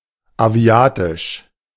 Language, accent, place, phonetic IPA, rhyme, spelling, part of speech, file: German, Germany, Berlin, [aˈvi̯aːtɪʃ], -aːtɪʃ, aviatisch, adjective, De-aviatisch.ogg
- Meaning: aviatic